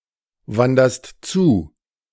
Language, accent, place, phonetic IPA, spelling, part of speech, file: German, Germany, Berlin, [ˌvandɐst ˈt͡suː], wanderst zu, verb, De-wanderst zu.ogg
- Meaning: second-person singular present of zuwandern